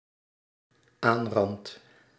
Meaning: second/third-person singular dependent-clause present indicative of aanranden
- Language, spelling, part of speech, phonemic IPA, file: Dutch, aanrandt, verb, /ˈanrɑnt/, Nl-aanrandt.ogg